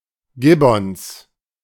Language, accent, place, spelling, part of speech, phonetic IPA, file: German, Germany, Berlin, Gibbons, noun, [ˈɡɪbɔns], De-Gibbons.ogg
- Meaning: 1. genitive singular of Gibbon 2. plural of Gibbon